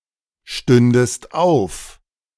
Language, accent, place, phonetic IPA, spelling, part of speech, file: German, Germany, Berlin, [ˌʃtʏndəst ˈaʊ̯f], stündest auf, verb, De-stündest auf.ogg
- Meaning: second-person singular subjunctive II of aufstehen